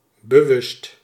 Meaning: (adjective) 1. conscious, aware 2. deliberate 3. in question, very; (adverb) deliberately
- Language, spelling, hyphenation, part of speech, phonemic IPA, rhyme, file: Dutch, bewust, be‧wust, adjective / adverb, /bəˈʋʏst/, -ʏst, Nl-bewust.ogg